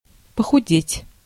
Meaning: to grow thin, to lose weight
- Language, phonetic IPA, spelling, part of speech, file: Russian, [pəxʊˈdʲetʲ], похудеть, verb, Ru-похудеть.ogg